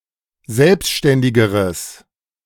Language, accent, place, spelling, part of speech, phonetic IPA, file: German, Germany, Berlin, selbständigeres, adjective, [ˈzɛlpʃtɛndɪɡəʁəs], De-selbständigeres.ogg
- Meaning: strong/mixed nominative/accusative neuter singular comparative degree of selbständig